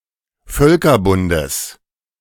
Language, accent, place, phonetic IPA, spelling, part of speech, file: German, Germany, Berlin, [ˈfœlkɐˌbʊndəs], Völkerbundes, noun, De-Völkerbundes.ogg
- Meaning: genitive of Völkerbund